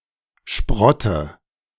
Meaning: European sprat (Sprattus sprattus)
- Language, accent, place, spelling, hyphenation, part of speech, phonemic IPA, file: German, Germany, Berlin, Sprotte, Sprot‧te, noun, /ˈʃpʁɔtə/, De-Sprotte.ogg